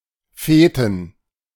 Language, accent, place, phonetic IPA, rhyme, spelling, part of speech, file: German, Germany, Berlin, [ˈfeːtn̩], -eːtn̩, Feten, noun, De-Feten.ogg
- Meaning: 1. plural of Fete 2. inflection of Fet: genitive/dative/accusative singular 3. inflection of Fet: all-case plural 4. plural of Fetus